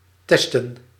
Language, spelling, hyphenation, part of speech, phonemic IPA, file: Dutch, testen, tes‧ten, verb / noun, /ˈtɛs.tə(n)/, Nl-testen.ogg
- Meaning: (verb) to test, to try out; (noun) plural of test